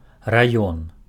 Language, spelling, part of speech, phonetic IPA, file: Belarusian, раён, noun, [raˈjon], Be-раён.ogg
- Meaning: 1. district 2. region, area